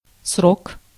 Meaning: 1. period, span 2. date, term, time
- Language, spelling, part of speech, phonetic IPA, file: Russian, срок, noun, [srok], Ru-срок.ogg